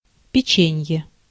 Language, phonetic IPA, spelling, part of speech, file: Russian, [pʲɪˈt͡ɕenʲje], печенье, noun, Ru-печенье.ogg
- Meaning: 1. pastry, cruller 2. biscuit; (US): cookie 3. cracker